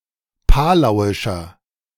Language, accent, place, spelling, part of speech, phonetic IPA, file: German, Germany, Berlin, palauischer, adjective, [ˈpaːlaʊ̯ɪʃɐ], De-palauischer.ogg
- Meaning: inflection of palauisch: 1. strong/mixed nominative masculine singular 2. strong genitive/dative feminine singular 3. strong genitive plural